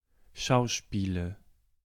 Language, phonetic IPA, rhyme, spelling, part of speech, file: German, [ˈʃaʊ̯ˌʃpiːlə], -aʊ̯ʃpiːlə, Schauspiele, noun, De-Schauspiele.ogg
- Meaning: nominative/accusative/genitive plural of Schauspiel